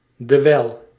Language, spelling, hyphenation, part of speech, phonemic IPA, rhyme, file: Dutch, dewijl, de‧wijl, conjunction, /dəˈʋɛi̯l/, -ɛi̯l, Nl-dewijl.ogg
- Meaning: 1. because, for 2. while